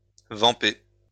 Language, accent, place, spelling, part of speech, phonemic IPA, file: French, France, Lyon, vamper, verb, /vɑ̃.pe/, LL-Q150 (fra)-vamper.wav
- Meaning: to vamp (seduce)